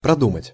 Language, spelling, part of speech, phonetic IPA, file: Russian, продумать, verb, [prɐˈdumətʲ], Ru-продумать.ogg
- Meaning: to think over, to think through, to consider carefully